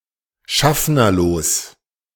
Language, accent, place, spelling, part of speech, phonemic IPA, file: German, Germany, Berlin, schaffnerlos, adjective, /ˈʃafnɐloːs/, De-schaffnerlos.ogg
- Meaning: that operates without a conductor (of a tram, bus etc)